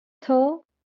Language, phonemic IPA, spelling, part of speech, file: Marathi, /t̪ʰə/, थ, character, LL-Q1571 (mar)-थ.wav
- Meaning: The sixteenth consonant in Marathi